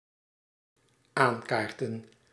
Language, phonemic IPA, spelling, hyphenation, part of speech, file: Dutch, /ˈaːnˌkaːrtə(n)/, aankaarten, aan‧kaar‧ten, verb, Nl-aankaarten.ogg
- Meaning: to broach, to raise (a subject), to bring up for discussion